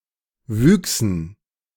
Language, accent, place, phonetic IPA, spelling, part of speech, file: German, Germany, Berlin, [ˈvyːksn̩], Wüchsen, noun, De-Wüchsen.ogg
- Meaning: dative plural of Wuchs